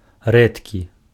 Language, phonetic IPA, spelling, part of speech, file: Belarusian, [ˈrɛtkʲi], рэдкі, adjective, Be-рэдкі.ogg
- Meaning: 1. rare 2. sparse